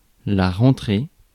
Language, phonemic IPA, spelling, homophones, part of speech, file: French, /ʁɑ̃.tʁe/, rentrée, rentrer / rentré / rentrés / rentrées / rentrez / rentrai, noun / verb, Fr-rentrée.ogg
- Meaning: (noun) 1. return (the act of returning) 2. the return to school or work after a vacation (usually the summer break); start of the school year; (verb) feminine singular of rentré